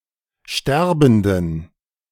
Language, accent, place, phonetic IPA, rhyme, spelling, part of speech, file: German, Germany, Berlin, [ˈʃtɛʁbn̩dən], -ɛʁbn̩dən, sterbenden, adjective, De-sterbenden.ogg
- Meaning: inflection of sterbend: 1. strong genitive masculine/neuter singular 2. weak/mixed genitive/dative all-gender singular 3. strong/weak/mixed accusative masculine singular 4. strong dative plural